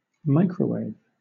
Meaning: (noun) 1. An electromagnetic wave with wavelength between that of infrared light and radio waves 2. Ellipsis of microwave oven; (verb) To cook (something) in a microwave oven
- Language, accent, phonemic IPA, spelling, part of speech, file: English, Southern England, /ˈmaɪkɹəʊˌweɪv/, microwave, noun / verb, LL-Q1860 (eng)-microwave.wav